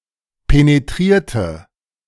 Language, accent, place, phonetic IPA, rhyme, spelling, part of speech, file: German, Germany, Berlin, [peneˈtʁiːɐ̯tə], -iːɐ̯tə, penetrierte, adjective / verb, De-penetrierte.ogg
- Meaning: inflection of penetrieren: 1. first/third-person singular preterite 2. first/third-person singular subjunctive II